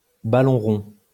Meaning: football (soccer)
- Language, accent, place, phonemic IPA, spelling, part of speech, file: French, France, Lyon, /ba.lɔ̃ ʁɔ̃/, ballon rond, noun, LL-Q150 (fra)-ballon rond.wav